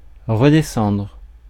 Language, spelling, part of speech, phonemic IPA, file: French, redescendre, verb, /ʁə.de.sɑ̃dʁ/, Fr-redescendre.ogg
- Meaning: 1. to come back down, to go back down (to descend shortly after having gone up) 2. to redescend (to descend a second time)